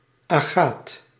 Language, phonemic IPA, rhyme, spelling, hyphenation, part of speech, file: Dutch, /aːˈɣaːt/, -aːt, agaat, agaat, noun, Nl-agaat.ogg
- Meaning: 1. agate (quartz gemstone) 2. agate (quartz substance)